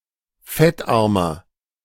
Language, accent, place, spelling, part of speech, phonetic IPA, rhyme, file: German, Germany, Berlin, fettarmer, adjective, [ˈfɛtˌʔaʁmɐ], -ɛtʔaʁmɐ, De-fettarmer.ogg
- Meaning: inflection of fettarm: 1. strong/mixed nominative masculine singular 2. strong genitive/dative feminine singular 3. strong genitive plural